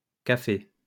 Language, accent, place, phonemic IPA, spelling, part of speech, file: French, France, Lyon, /ka.fe/, cafés, noun, LL-Q150 (fra)-cafés.wav
- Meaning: plural of café